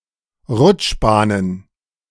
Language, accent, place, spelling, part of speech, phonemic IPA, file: German, Germany, Berlin, Rutschbahnen, noun, /ˈʁʊtʃˌbaːnən/, De-Rutschbahnen.ogg
- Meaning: plural of Rutschbahn